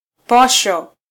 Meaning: rations, provision
- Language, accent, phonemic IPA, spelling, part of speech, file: Swahili, Kenya, /ˈpɔ.ʃɔ/, posho, noun, Sw-ke-posho.flac